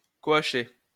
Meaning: to coach
- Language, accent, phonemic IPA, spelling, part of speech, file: French, France, /kot.ʃe/, coacher, verb, LL-Q150 (fra)-coacher.wav